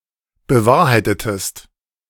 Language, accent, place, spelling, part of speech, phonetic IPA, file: German, Germany, Berlin, bewahrheitetest, verb, [bəˈvaːɐ̯haɪ̯tətəst], De-bewahrheitetest.ogg
- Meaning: inflection of bewahrheiten: 1. second-person singular preterite 2. second-person singular subjunctive II